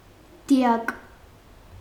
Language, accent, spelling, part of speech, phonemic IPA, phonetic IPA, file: Armenian, Eastern Armenian, դիակ, noun, /diˈɑk/, [di(j)ɑ́k], Hy-դիակ.ogg
- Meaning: dead body, corpse, cadaver, carcass